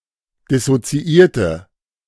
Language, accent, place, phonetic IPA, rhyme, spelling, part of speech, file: German, Germany, Berlin, [dɪsot͡siˈʔiːɐ̯tə], -iːɐ̯tə, dissoziierte, adjective, De-dissoziierte.ogg
- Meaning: inflection of dissoziiert: 1. strong/mixed nominative/accusative feminine singular 2. strong nominative/accusative plural 3. weak nominative all-gender singular